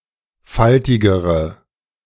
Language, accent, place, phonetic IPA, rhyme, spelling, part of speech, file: German, Germany, Berlin, [ˈfaltɪɡəʁə], -altɪɡəʁə, faltigere, adjective, De-faltigere.ogg
- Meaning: inflection of faltig: 1. strong/mixed nominative/accusative feminine singular comparative degree 2. strong nominative/accusative plural comparative degree